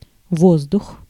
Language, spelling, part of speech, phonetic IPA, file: Russian, воздух, noun, [ˈvozdʊx], Ru-воздух.ogg
- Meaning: 1. air 2. air, atmosphere 3. money 4. lie, an intentionally false statement 5. the veil for church communion vessels